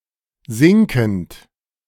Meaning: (verb) present participle of sinken; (adjective) 1. subsiding, sinking 2. decreasing
- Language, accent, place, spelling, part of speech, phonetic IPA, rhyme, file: German, Germany, Berlin, sinkend, verb, [ˈzɪŋkn̩t], -ɪŋkn̩t, De-sinkend.ogg